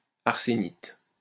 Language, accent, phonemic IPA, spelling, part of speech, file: French, France, /aʁ.se.nit/, arsénite, noun, LL-Q150 (fra)-arsénite.wav
- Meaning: arsenite